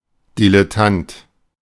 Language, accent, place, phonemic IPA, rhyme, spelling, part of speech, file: German, Germany, Berlin, /dilɛˈtant/, -ant, Dilettant, noun, De-Dilettant.ogg
- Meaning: 1. amateur, dabbler 2. bungler, botcher